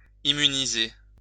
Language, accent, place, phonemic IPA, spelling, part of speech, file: French, France, Lyon, /i.my.ni.ze/, immuniser, verb, LL-Q150 (fra)-immuniser.wav
- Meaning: to immunize/immunise